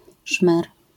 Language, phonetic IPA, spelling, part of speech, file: Polish, [ʃmɛr], szmer, noun, LL-Q809 (pol)-szmer.wav